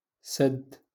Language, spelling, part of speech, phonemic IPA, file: Moroccan Arabic, سد, verb / noun, /sadd/, LL-Q56426 (ary)-سد.wav
- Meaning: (verb) to close; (noun) dam